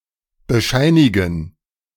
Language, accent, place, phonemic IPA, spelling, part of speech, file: German, Germany, Berlin, /bəˈʃaɪ̯nɪɡən/, bescheinigen, verb, De-bescheinigen.ogg
- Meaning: 1. to attest 2. to certify